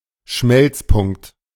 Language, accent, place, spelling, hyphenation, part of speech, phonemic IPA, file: German, Germany, Berlin, Schmelzpunkt, Schmelz‧punkt, noun, /ˈʃmɛlt͡sˌpʊŋkt/, De-Schmelzpunkt.ogg
- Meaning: melting point